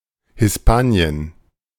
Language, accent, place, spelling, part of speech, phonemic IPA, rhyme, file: German, Germany, Berlin, Hispanien, proper noun, /hɪsˈpaːni̯ən/, -aːni̯ən, De-Hispanien.ogg